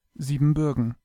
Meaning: Transylvania (a historical region in western Romania)
- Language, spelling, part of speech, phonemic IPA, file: German, Siebenbürgen, proper noun, /ˌziːbənˈbʏʁɡən/, De-Siebenbürgen.ogg